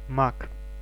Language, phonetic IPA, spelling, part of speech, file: Russian, [mak], маг, noun, Ru-маг.ogg
- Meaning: mage (magician, wizard or sorcerer)